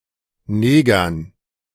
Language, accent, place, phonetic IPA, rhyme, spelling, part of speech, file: German, Germany, Berlin, [ˈneːɡɐn], -eːɡɐn, Negern, noun, De-Negern.ogg
- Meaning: dative plural of Neger